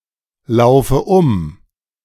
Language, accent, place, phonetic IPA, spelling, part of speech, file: German, Germany, Berlin, [ˌlaʊ̯fə ˈʊm], laufe um, verb, De-laufe um.ogg
- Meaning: inflection of umlaufen: 1. first-person singular present 2. first/third-person singular subjunctive I 3. singular imperative